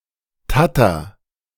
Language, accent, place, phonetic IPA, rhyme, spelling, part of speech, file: German, Germany, Berlin, [ˈtatɐ], -atɐ, tatter, verb, De-tatter.ogg
- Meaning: inflection of tattern: 1. first-person singular present 2. singular imperative